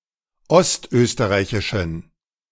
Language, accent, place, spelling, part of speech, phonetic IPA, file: German, Germany, Berlin, ostösterreichischen, adjective, [ˈɔstˌʔøːstəʁaɪ̯çɪʃn̩], De-ostösterreichischen.ogg
- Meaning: inflection of ostösterreichisch: 1. strong genitive masculine/neuter singular 2. weak/mixed genitive/dative all-gender singular 3. strong/weak/mixed accusative masculine singular